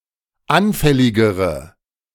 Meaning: inflection of anfällig: 1. strong/mixed nominative/accusative feminine singular comparative degree 2. strong nominative/accusative plural comparative degree
- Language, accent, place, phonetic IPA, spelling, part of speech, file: German, Germany, Berlin, [ˈanfɛlɪɡəʁə], anfälligere, adjective, De-anfälligere.ogg